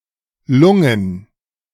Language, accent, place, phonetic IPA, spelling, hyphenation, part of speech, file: German, Germany, Berlin, [ˈlʊŋən], Lungen, Lun‧gen, noun, De-Lungen.ogg
- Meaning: plural of Lunge